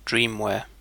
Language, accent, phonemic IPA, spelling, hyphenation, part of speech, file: English, Received Pronunciation, /ˈdɹiːmwɛə/, dreamware, dream‧ware, noun, En-uk-dreamware.ogg
- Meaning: 1. Things dreamed of; fantasies, fictions 2. Speculative hardware or software products that may never be produced or released